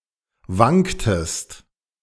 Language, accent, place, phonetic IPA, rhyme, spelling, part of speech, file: German, Germany, Berlin, [ˈvaŋktəst], -aŋktəst, wanktest, verb, De-wanktest.ogg
- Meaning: inflection of wanken: 1. second-person singular preterite 2. second-person singular subjunctive II